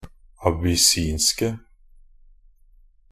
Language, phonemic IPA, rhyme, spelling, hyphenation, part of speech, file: Norwegian Bokmål, /abʏˈsiːnskə/, -iːnskə, abyssinske, ab‧ys‧sin‧ske, adjective, Nb-abyssinske.ogg
- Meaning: 1. definite singular of abyssinsk 2. plural of abyssinsk